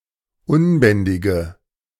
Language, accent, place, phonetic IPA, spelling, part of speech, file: German, Germany, Berlin, [ˈʊnˌbɛndɪɡə], unbändige, adjective, De-unbändige.ogg
- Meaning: inflection of unbändig: 1. strong/mixed nominative/accusative feminine singular 2. strong nominative/accusative plural 3. weak nominative all-gender singular